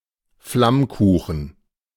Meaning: tarte flambée
- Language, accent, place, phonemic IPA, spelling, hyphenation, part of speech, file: German, Germany, Berlin, /ˈflamˌkuːxn̩/, Flammkuchen, Flamm‧ku‧chen, noun, De-Flammkuchen.ogg